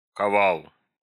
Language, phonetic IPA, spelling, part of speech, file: Russian, [kɐˈvaɫ], ковал, verb, Ru-кова́л.ogg
- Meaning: masculine singular past indicative imperfective of кова́ть (kovátʹ)